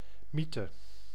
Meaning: myth
- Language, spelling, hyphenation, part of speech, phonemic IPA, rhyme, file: Dutch, mythe, my‧the, noun, /ˈmi.tə/, -itə, Nl-mythe.ogg